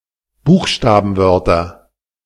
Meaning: nominative/accusative/genitive plural of Buchstabenwort
- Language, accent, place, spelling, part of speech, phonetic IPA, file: German, Germany, Berlin, Buchstabenwörter, noun, [ˈbuːxʃtaːbn̩ˌvœʁtɐ], De-Buchstabenwörter.ogg